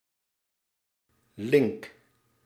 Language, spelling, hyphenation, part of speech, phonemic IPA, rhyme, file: Dutch, link, link, adjective / noun, /lɪŋk/, -ɪŋk, Nl-link.ogg
- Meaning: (adjective) 1. dangerous 2. sly, cunning 3. jolly, nice 4. obsolete form of links, linker (“left, not right”); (noun) physical connection, as in a hardware cable